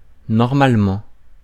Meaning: 1. in theory 2. usually (most of the time) 3. normally
- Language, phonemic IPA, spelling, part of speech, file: French, /nɔʁ.mal.mɑ̃/, normalement, adverb, Fr-normalement.ogg